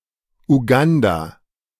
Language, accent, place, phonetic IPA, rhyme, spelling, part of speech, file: German, Germany, Berlin, [uˈɡanda], -anda, Uganda, proper noun, De-Uganda.ogg
- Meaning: Uganda (a country in East Africa)